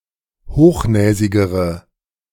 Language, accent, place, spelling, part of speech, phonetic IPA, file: German, Germany, Berlin, hochnäsigere, adjective, [ˈhoːxˌnɛːzɪɡəʁə], De-hochnäsigere.ogg
- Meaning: inflection of hochnäsig: 1. strong/mixed nominative/accusative feminine singular comparative degree 2. strong nominative/accusative plural comparative degree